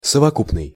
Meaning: combined, total, aggregate (a result of combining or adding of different parts together)
- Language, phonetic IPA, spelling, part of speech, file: Russian, [səvɐˈkupnɨj], совокупный, adjective, Ru-совокупный.ogg